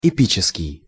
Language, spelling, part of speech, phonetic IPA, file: Russian, эпический, adjective, [ɪˈpʲit͡ɕɪskʲɪj], Ru-эпический.ogg
- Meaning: epic